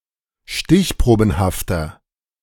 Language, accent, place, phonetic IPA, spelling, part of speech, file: German, Germany, Berlin, [ˈʃtɪçˌpʁoːbn̩haftɐ], stichprobenhafter, adjective, De-stichprobenhafter.ogg
- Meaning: inflection of stichprobenhaft: 1. strong/mixed nominative masculine singular 2. strong genitive/dative feminine singular 3. strong genitive plural